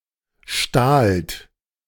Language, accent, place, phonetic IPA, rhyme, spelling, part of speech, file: German, Germany, Berlin, [ʃtaːlt], -aːlt, stahlt, verb, De-stahlt.ogg
- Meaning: second-person plural preterite of stehlen